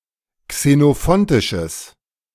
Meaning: strong/mixed nominative/accusative neuter singular of xenophontisch
- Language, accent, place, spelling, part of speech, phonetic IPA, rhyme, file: German, Germany, Berlin, xenophontisches, adjective, [ksenoˈfɔntɪʃəs], -ɔntɪʃəs, De-xenophontisches.ogg